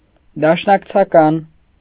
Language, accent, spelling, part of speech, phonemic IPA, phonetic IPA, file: Armenian, Eastern Armenian, դաշնակցական, noun / adjective, /dɑʃnɑkt͡sʰɑˈkɑn/, [dɑʃnɑkt͡sʰɑkɑ́n], Hy-դաշնակցական.ogg
- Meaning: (noun) a member of the Armenian Revolutionary Federation; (adjective) of or pertaining to the Armenian Revolutionary Federation